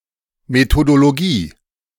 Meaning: methodology (a collection of methods, practices, procedures and rules used by those who work in some field)
- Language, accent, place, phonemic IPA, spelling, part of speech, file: German, Germany, Berlin, /metodoloˈɡiː/, Methodologie, noun, De-Methodologie.ogg